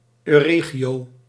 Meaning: Euregion
- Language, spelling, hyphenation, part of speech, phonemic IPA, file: Dutch, Euregio, Eu‧re‧gio, noun, /øːˈreː.ɣi.oː/, Nl-euregio.ogg